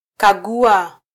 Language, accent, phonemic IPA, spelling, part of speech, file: Swahili, Kenya, /kɑˈɠu.ɑ/, kagua, verb, Sw-ke-kagua.flac
- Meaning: to check, audit, examine, inspect, probe